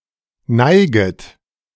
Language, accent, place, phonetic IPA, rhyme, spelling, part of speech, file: German, Germany, Berlin, [ˈnaɪ̯ɡət], -aɪ̯ɡət, neiget, verb, De-neiget.ogg
- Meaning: second-person plural subjunctive I of neigen